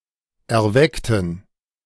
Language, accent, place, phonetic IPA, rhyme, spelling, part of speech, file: German, Germany, Berlin, [ɛɐ̯ˈvɛktn̩], -ɛktn̩, erweckten, adjective / verb, De-erweckten.ogg
- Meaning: inflection of erwecken: 1. first/third-person plural preterite 2. first/third-person plural subjunctive II